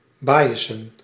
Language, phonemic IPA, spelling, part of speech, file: Dutch, /ˈbajəsə(n)/, bajesen, noun, Nl-bajesen.ogg
- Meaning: plural of bajes